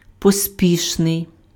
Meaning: hurried, hasty
- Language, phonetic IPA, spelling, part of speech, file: Ukrainian, [poˈsʲpʲiʃnei̯], поспішний, adjective, Uk-поспішний.ogg